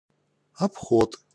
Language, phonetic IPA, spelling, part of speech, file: Russian, [ɐpˈxot], обход, noun, Ru-обход.ogg
- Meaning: 1. round 2. roundabout way, detour 3. turning movement 4. evasion, circumvention